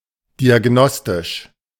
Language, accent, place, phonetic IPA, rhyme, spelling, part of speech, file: German, Germany, Berlin, [diaˈɡnɔstɪʃ], -ɔstɪʃ, diagnostisch, adjective, De-diagnostisch.ogg
- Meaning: diagnostic